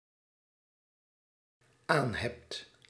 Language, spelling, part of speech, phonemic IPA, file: Dutch, aanhebt, verb, /ˈanhɛpt/, Nl-aanhebt.ogg
- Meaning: second-person singular dependent-clause present indicative of aanhebben